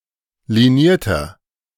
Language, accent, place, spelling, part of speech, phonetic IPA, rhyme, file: German, Germany, Berlin, linierter, adjective, [liˈniːɐ̯tɐ], -iːɐ̯tɐ, De-linierter.ogg
- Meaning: inflection of liniert: 1. strong/mixed nominative masculine singular 2. strong genitive/dative feminine singular 3. strong genitive plural